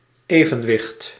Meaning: 1. balance, equilibrium 2. equilibrium 3. equal weight
- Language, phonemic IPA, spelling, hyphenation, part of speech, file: Dutch, /ˈeː.və(n)ˌʋɪxt/, evenwicht, even‧wicht, noun, Nl-evenwicht.ogg